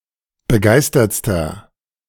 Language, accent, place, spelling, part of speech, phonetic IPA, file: German, Germany, Berlin, begeistertster, adjective, [bəˈɡaɪ̯stɐt͡stɐ], De-begeistertster.ogg
- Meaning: inflection of begeistert: 1. strong/mixed nominative masculine singular superlative degree 2. strong genitive/dative feminine singular superlative degree 3. strong genitive plural superlative degree